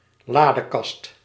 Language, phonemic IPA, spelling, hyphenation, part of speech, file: Dutch, /ˈlaː.dəˌkɑst/, ladekast, la‧de‧kast, noun, Nl-ladekast.ogg
- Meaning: a cabinet with drawers, a chest of drawers